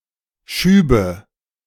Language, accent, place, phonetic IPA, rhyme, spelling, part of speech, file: German, Germany, Berlin, [ˈʃyːbə], -yːbə, Schübe, noun, De-Schübe.ogg
- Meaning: nominative/accusative/genitive plural of Schub